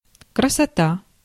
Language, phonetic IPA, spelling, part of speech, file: Russian, [krəsɐˈta], красота, noun, Ru-красота.ogg
- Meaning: beauty (quality of pleasing appearance)